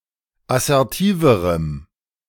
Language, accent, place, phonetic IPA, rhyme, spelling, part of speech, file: German, Germany, Berlin, [asɛʁˈtiːvəʁəm], -iːvəʁəm, assertiverem, adjective, De-assertiverem.ogg
- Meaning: strong dative masculine/neuter singular comparative degree of assertiv